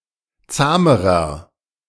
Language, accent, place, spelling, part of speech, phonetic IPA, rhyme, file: German, Germany, Berlin, zahmerer, adjective, [ˈt͡saːməʁɐ], -aːməʁɐ, De-zahmerer.ogg
- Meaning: inflection of zahm: 1. strong/mixed nominative masculine singular comparative degree 2. strong genitive/dative feminine singular comparative degree 3. strong genitive plural comparative degree